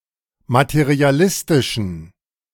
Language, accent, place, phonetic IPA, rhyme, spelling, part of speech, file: German, Germany, Berlin, [matəʁiaˈlɪstɪʃn̩], -ɪstɪʃn̩, materialistischen, adjective, De-materialistischen.ogg
- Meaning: inflection of materialistisch: 1. strong genitive masculine/neuter singular 2. weak/mixed genitive/dative all-gender singular 3. strong/weak/mixed accusative masculine singular 4. strong dative plural